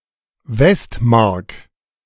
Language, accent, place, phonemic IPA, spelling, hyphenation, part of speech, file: German, Germany, Berlin, /ˈvɛstˌmaʁk/, Westmark, West‧mark, noun, De-Westmark.ogg
- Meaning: Deutschmark (currency of West Germany)